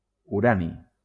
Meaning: uranium
- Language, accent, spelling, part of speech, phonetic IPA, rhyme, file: Catalan, Valencia, urani, noun, [uˈɾa.ni], -ani, LL-Q7026 (cat)-urani.wav